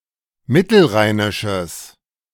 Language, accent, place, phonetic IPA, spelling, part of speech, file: German, Germany, Berlin, [ˈmɪtl̩ˌʁaɪ̯nɪʃəs], mittelrheinisches, adjective, De-mittelrheinisches.ogg
- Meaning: strong/mixed nominative/accusative neuter singular of mittelrheinisch